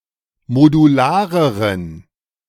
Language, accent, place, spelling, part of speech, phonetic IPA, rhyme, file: German, Germany, Berlin, modulareren, adjective, [moduˈlaːʁəʁən], -aːʁəʁən, De-modulareren.ogg
- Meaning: inflection of modular: 1. strong genitive masculine/neuter singular comparative degree 2. weak/mixed genitive/dative all-gender singular comparative degree